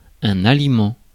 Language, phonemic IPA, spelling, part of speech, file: French, /a.li.mɑ̃/, aliment, noun, Fr-aliment.ogg
- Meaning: food